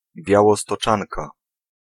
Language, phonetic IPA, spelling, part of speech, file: Polish, [ˌbʲjawɔstɔˈt͡ʃãnka], białostoczanka, noun, Pl-białostoczanka.ogg